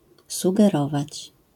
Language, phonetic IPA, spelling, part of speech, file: Polish, [ˌsuɡɛˈrɔvat͡ɕ], sugerować, verb, LL-Q809 (pol)-sugerować.wav